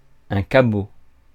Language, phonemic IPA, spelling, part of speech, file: French, /ka.bo/, cabot, noun, Fr-cabot.ogg
- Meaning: pooch, mutt, cur (dog)